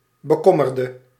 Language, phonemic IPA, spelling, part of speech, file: Dutch, /bəˈkɔmərdə/, bekommerde, adjective / verb, Nl-bekommerde.ogg
- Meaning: inflection of bekommeren: 1. singular past indicative 2. singular past subjunctive